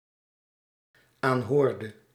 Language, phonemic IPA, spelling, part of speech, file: Dutch, /ˈanhordə/, aanhoorde, verb, Nl-aanhoorde.ogg
- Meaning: inflection of aanhoren: 1. singular dependent-clause past indicative 2. singular dependent-clause past subjunctive